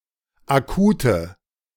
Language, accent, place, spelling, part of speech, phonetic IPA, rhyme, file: German, Germany, Berlin, Akute, noun, [aˈkuːtə], -uːtə, De-Akute.ogg
- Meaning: nominative/accusative/genitive plural of Akut